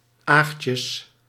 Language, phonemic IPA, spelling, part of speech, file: Dutch, /ˈaxces/, aagtjes, noun, Nl-aagtjes.ogg
- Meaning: plural of aagtje